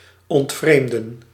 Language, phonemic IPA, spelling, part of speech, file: Dutch, /ˌɔntˈvreːm.də(n)/, ontvreemden, verb, Nl-ontvreemden.ogg
- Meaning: to steal